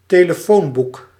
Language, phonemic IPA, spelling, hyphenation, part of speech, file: Dutch, /teː.ləˈfoːnˌbuk/, telefoonboek, te‧le‧foon‧boek, noun, Nl-telefoonboek.ogg
- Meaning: phone book, telephone directory